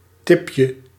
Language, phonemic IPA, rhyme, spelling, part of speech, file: Dutch, /ˈtɪp.jə/, -ɪpjə, tipje, noun, Nl-tipje.ogg
- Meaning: diminutive of tip